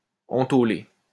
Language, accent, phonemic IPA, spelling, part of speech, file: French, France, /ɑ̃.to.le/, entôlé, verb, LL-Q150 (fra)-entôlé.wav
- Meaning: past participle of entôler